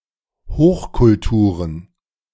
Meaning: plural of Hochkultur
- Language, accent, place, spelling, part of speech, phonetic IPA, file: German, Germany, Berlin, Hochkulturen, noun, [ˈhoːxkʊlˌtuːʁən], De-Hochkulturen.ogg